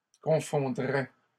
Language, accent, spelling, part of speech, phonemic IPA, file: French, Canada, confondrait, verb, /kɔ̃.fɔ̃.dʁɛ/, LL-Q150 (fra)-confondrait.wav
- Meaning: third-person singular conditional of confondre